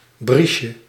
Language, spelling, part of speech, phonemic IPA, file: Dutch, briesje, noun, /ˈbriʃə/, Nl-briesje.ogg
- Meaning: diminutive of bries